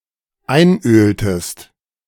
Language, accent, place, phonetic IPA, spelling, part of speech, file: German, Germany, Berlin, [ˈaɪ̯nˌʔøːltəst], einöltest, verb, De-einöltest.ogg
- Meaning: inflection of einölen: 1. second-person singular dependent preterite 2. second-person singular dependent subjunctive II